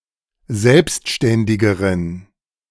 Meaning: inflection of selbstständig: 1. strong genitive masculine/neuter singular comparative degree 2. weak/mixed genitive/dative all-gender singular comparative degree
- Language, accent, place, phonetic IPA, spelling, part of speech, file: German, Germany, Berlin, [ˈzɛlpstʃtɛndɪɡəʁən], selbstständigeren, adjective, De-selbstständigeren.ogg